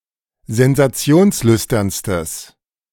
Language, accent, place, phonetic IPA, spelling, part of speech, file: German, Germany, Berlin, [zɛnzaˈt͡si̯oːnsˌlʏstɐnstəs], sensationslüsternstes, adjective, De-sensationslüsternstes.ogg
- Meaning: strong/mixed nominative/accusative neuter singular superlative degree of sensationslüstern